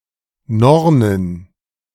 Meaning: plural of Norne
- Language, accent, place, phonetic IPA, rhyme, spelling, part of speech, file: German, Germany, Berlin, [ˈnɔʁnən], -ɔʁnən, Nornen, noun, De-Nornen.ogg